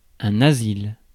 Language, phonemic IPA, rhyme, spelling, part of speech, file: French, /a.zil/, -il, asile, noun, Fr-asile.ogg
- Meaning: 1. asylum (place of safety or refuge) 2. retirement home, old people's home 3. asylum (psychiatric institution) 4. protection, defense